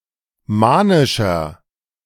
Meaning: inflection of manisch: 1. strong/mixed nominative masculine singular 2. strong genitive/dative feminine singular 3. strong genitive plural
- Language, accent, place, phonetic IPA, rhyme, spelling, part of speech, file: German, Germany, Berlin, [ˈmaːnɪʃɐ], -aːnɪʃɐ, manischer, adjective, De-manischer.ogg